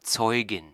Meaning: witness (female)
- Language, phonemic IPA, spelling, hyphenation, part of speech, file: German, /ˈtsɔʏ̯ɡɪn/, Zeugin, Zeu‧gin, noun, De-Zeugin.ogg